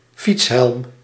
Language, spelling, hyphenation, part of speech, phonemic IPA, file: Dutch, fietshelm, fiets‧helm, noun, /ˈfits.ɦɛlm/, Nl-fietshelm.ogg
- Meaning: bicycle helmet